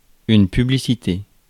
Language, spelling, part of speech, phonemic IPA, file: French, publicité, noun, /py.bli.si.te/, Fr-publicité.ogg
- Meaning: 1. publicity, advertising 2. commercial, advertisement